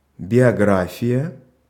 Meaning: biography
- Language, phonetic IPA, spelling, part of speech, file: Russian, [bʲɪɐˈɡrafʲɪjə], биография, noun, Ru-биография.ogg